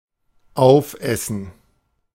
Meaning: to eat up (consume completely)
- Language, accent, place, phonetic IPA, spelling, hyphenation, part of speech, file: German, Germany, Berlin, [ˈaʊ̯fˌʔɛsn̩], aufessen, auf‧es‧sen, verb, De-aufessen.ogg